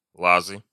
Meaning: inflection of лаз (laz): 1. nominative plural 2. inanimate accusative plural
- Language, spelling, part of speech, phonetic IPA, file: Russian, лазы, noun, [ˈɫazɨ], Ru-лазы.ogg